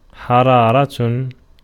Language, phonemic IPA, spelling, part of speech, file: Arabic, /ħa.raː.ra/, حرارة, noun, Ar-حرارة.ogg
- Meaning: 1. heat 2. warmth, congeniality, friendliness 3. enthusiasm, fervor, zeal 4. temperature